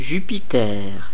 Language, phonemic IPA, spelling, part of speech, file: French, /ʒy.pi.tɛʁ/, Jupiter, proper noun, Fr-Jupiter.ogg
- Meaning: 1. Jupiter (Roman god) 2. Jupiter (planet)